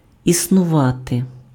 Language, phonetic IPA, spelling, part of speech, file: Ukrainian, [isnʊˈʋate], існувати, verb, Uk-існувати.ogg
- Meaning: to exist